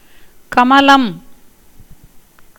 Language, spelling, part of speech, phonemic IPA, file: Tamil, கமலம், noun, /kɐmɐlɐm/, Ta-கமலம்.ogg
- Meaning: lotus